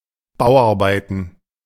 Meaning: construction works
- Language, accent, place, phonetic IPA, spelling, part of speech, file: German, Germany, Berlin, [ˈbaʊ̯ʔaʁˌbaɪ̯tn̩], Bauarbeiten, noun, De-Bauarbeiten.ogg